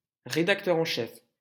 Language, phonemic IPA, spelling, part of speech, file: French, /ʁe.dak.tœ.ʁ‿ɑ̃ ʃɛf/, rédacteur en chef, noun, LL-Q150 (fra)-rédacteur en chef.wav
- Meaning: editor-in-chief, chief editor